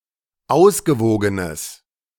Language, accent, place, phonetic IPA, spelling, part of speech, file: German, Germany, Berlin, [ˈaʊ̯sɡəˌvoːɡənəs], ausgewogenes, adjective, De-ausgewogenes.ogg
- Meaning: strong/mixed nominative/accusative neuter singular of ausgewogen